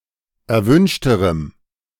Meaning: strong dative masculine/neuter singular comparative degree of erwünscht
- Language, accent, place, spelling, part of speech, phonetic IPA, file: German, Germany, Berlin, erwünschterem, adjective, [ɛɐ̯ˈvʏnʃtəʁəm], De-erwünschterem.ogg